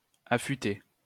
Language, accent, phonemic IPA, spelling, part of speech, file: French, France, /a.fy.te/, affuter, verb, LL-Q150 (fra)-affuter.wav
- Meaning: post-1990 spelling of affûter